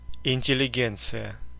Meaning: intelligentsia (the intellectual elite of a society, particularly in Marxist doctrine)
- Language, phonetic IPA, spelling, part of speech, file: Russian, [ɪnʲtʲɪlʲɪˈɡʲent͡sɨjə], интеллигенция, noun, Ru-интеллигенция.ogg